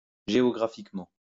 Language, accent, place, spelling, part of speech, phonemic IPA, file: French, France, Lyon, géographiquement, adverb, /ʒe.ɔ.ɡʁa.fik.mɑ̃/, LL-Q150 (fra)-géographiquement.wav
- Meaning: geographically